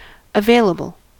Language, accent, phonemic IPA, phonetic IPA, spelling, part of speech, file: English, US, /əˈveɪ.lə.bəl/, [əˈveɪ.lə.bɫ̩], available, adjective, En-us-available.ogg
- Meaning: 1. Such as one may avail oneself of; capable of being used for the accomplishment of a purpose 2. Readily obtainable 3. Valid